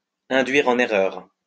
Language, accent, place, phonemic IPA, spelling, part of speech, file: French, France, Lyon, /ɛ̃.dɥi.ʁ‿ɑ̃.n‿e.ʁœʁ/, induire en erreur, verb, LL-Q150 (fra)-induire en erreur.wav
- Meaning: to mislead, to throw off